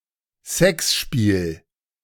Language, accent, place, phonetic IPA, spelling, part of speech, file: German, Germany, Berlin, [ˈsɛksˌʃpiːl], Sexspiel, noun, De-Sexspiel.ogg
- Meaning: sex game